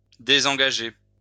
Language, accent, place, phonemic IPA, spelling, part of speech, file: French, France, Lyon, /de.zɑ̃.ɡa.ʒe/, désengager, verb, LL-Q150 (fra)-désengager.wav
- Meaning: to disengage, withdraw